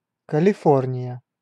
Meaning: 1. California (the most populous state of the United States) 2. California (a town in Pennsylvania, United States) 3. California (a town in Missouri, United States)
- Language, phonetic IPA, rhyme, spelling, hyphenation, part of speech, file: Russian, [kəlʲɪˈfornʲɪjə], -ornʲɪjə, Калифорния, Ка‧ли‧фор‧ния, proper noun, Ru-Калифорния.ogg